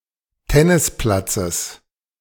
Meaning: genitive of Tennisplatz
- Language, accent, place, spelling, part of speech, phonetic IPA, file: German, Germany, Berlin, Tennisplatzes, noun, [ˈtɛnɪsˌplat͡səs], De-Tennisplatzes.ogg